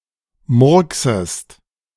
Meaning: second-person singular subjunctive I of murksen
- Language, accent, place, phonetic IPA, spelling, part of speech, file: German, Germany, Berlin, [ˈmʊʁksəst], murksest, verb, De-murksest.ogg